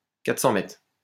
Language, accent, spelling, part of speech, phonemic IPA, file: French, France, 400 mètres, noun, /ka.tʁə.sɑ̃ mɛtʁ/, LL-Q150 (fra)-400 mètres.wav
- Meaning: 400 metres